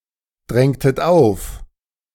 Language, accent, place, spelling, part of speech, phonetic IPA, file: German, Germany, Berlin, drängtet auf, verb, [ˌdʁɛŋtət ˈaʊ̯f], De-drängtet auf.ogg
- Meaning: inflection of aufdrängen: 1. second-person plural preterite 2. second-person plural subjunctive II